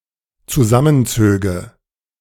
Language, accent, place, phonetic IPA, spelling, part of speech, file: German, Germany, Berlin, [t͡suˈzamənˌt͡søːɡə], zusammenzöge, verb, De-zusammenzöge.ogg
- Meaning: first/third-person singular dependent subjunctive II of zusammenziehen